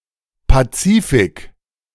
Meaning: the Pacific Ocean
- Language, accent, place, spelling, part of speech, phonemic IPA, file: German, Germany, Berlin, Pazifik, proper noun, /paˈtsiːfɪk/, De-Pazifik.ogg